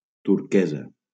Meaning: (adjective) feminine singular of turquès; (noun) 1. turquoise (a semi-precious gemstone) 2. turquoise (pale greenish-blue colour); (adjective) turquoise (having a pale greenish-blue colour)
- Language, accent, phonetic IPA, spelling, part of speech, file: Catalan, Valencia, [tuɾˈke.za], turquesa, adjective / noun, LL-Q7026 (cat)-turquesa.wav